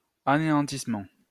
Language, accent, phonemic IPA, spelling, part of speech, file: French, France, /a.ne.ɑ̃.tis.mɑ̃/, anéantissement, noun, LL-Q150 (fra)-anéantissement.wav
- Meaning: annihilation, destruction